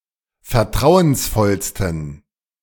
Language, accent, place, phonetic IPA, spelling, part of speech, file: German, Germany, Berlin, [fɛɐ̯ˈtʁaʊ̯ənsˌfɔlstn̩], vertrauensvollsten, adjective, De-vertrauensvollsten.ogg
- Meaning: 1. superlative degree of vertrauensvoll 2. inflection of vertrauensvoll: strong genitive masculine/neuter singular superlative degree